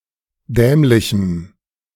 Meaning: strong dative masculine/neuter singular of dämlich
- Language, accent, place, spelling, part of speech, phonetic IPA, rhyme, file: German, Germany, Berlin, dämlichem, adjective, [ˈdɛːmlɪçm̩], -ɛːmlɪçm̩, De-dämlichem.ogg